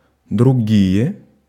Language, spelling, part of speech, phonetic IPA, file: Russian, другие, adjective, [drʊˈɡʲije], Ru-другие.ogg
- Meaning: inflection of друго́й (drugój): 1. nominative plural 2. accusative plural inanimate